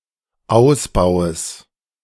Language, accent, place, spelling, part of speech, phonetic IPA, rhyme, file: German, Germany, Berlin, Ausbaues, noun, [ˈaʊ̯sˌbaʊ̯əs], -aʊ̯sbaʊ̯əs, De-Ausbaues.ogg
- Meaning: genitive of Ausbau